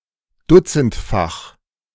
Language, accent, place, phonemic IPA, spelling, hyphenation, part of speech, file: German, Germany, Berlin, /ˈdʊt͡sn̩tˌfax/, dutzendfach, dut‧zend‧fach, adjective, De-dutzendfach.ogg
- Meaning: in dozens; very frequent